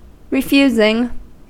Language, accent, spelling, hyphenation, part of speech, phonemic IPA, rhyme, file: English, US, refusing, re‧fus‧ing, verb, /ɹɪˈfjuːzɪŋ/, -uːzɪŋ, En-us-refusing.ogg
- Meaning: present participle and gerund of refuse